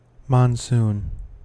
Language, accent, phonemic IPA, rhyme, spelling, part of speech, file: English, US, /mɑnˈsuːn/, -uːn, monsoon, noun, En-us-monsoon.ogg
- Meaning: 1. Any of a number of winds associated with regions where most rain falls during a particular season 2. Tropical rainy season when the rain lasts for several months with few interruptions